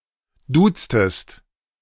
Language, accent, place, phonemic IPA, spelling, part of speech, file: German, Germany, Berlin, /ˈduːtstəst/, duztest, verb, De-duztest.ogg
- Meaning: inflection of duzen: 1. second-person singular preterite 2. second-person singular subjunctive II